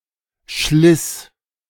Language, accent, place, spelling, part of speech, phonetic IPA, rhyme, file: German, Germany, Berlin, schliss, verb, [ʃlɪs], -ɪs, De-schliss.ogg
- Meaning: first/third-person singular preterite of schleißen